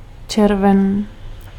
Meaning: June
- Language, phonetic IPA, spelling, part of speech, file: Czech, [ˈt͡ʃɛrvɛn], červen, noun, Cs-červen.ogg